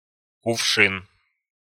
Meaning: jug, pitcher
- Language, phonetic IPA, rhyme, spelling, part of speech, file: Russian, [kʊfˈʂɨn], -ɨn, кувшин, noun, Ru-кувшин.ogg